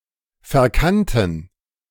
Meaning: first/third-person plural preterite of verkennen
- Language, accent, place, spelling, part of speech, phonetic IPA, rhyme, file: German, Germany, Berlin, verkannten, adjective / verb, [fɛɐ̯ˈkantn̩], -antn̩, De-verkannten.ogg